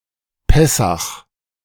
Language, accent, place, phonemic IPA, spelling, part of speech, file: German, Germany, Berlin, /ˈpɛsax/, Pessach, proper noun, De-Pessach.ogg
- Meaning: Passover